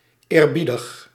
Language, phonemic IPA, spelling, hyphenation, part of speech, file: Dutch, /ˌeːrˈbi.dəx/, eerbiedig, eer‧bie‧dig, adjective, Nl-eerbiedig.ogg
- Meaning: respectful, courteous, well-mannered